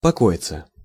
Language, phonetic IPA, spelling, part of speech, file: Russian, [pɐˈkoɪt͡sə], покоиться, verb, Ru-покоиться.ogg
- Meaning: 1. to rest (on, upon), to repose (on, upon) 2. to lie (of the dead) 3. passive of поко́ить (pokóitʹ)